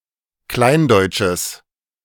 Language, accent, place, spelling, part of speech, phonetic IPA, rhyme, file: German, Germany, Berlin, kleindeutsches, adjective, [ˈklaɪ̯nˌdɔɪ̯t͡ʃəs], -aɪ̯ndɔɪ̯t͡ʃəs, De-kleindeutsches.ogg
- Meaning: strong/mixed nominative/accusative neuter singular of kleindeutsch